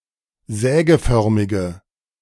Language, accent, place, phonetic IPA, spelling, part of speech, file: German, Germany, Berlin, [ˈzɛːɡəˌfœʁmɪɡə], sägeförmige, adjective, De-sägeförmige.ogg
- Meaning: inflection of sägeförmig: 1. strong/mixed nominative/accusative feminine singular 2. strong nominative/accusative plural 3. weak nominative all-gender singular